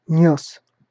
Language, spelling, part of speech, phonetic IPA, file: Russian, нёс, verb, [nʲɵs], Ru-нёс.ogg
- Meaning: masculine singular past indicative imperfective of нести́ (nestí)